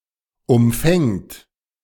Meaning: third-person singular present of umfangen
- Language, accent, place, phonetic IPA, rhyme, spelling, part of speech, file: German, Germany, Berlin, [ʊmˈfɛŋt], -ɛŋt, umfängt, verb, De-umfängt.ogg